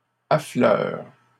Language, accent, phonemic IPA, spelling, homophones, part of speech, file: French, Canada, /a.flœʁ/, affleurent, affleure / affleures, verb, LL-Q150 (fra)-affleurent.wav
- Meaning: third-person plural present indicative/subjunctive of affleurer